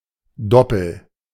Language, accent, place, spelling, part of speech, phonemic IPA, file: German, Germany, Berlin, Doppel, noun, /ˈdɔpl̩/, De-Doppel.ogg
- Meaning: 1. doubles 2. duplicate